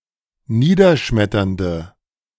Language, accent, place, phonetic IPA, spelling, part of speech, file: German, Germany, Berlin, [ˈniːdɐˌʃmɛtɐndə], niederschmetternde, adjective, De-niederschmetternde.ogg
- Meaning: inflection of niederschmetternd: 1. strong/mixed nominative/accusative feminine singular 2. strong nominative/accusative plural 3. weak nominative all-gender singular